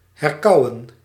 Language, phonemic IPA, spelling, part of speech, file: Dutch, /ɦɛrˈkɑu̯ə(n)/, herkauwen, verb, Nl-herkauwen.ogg
- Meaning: to rechew, to ruminate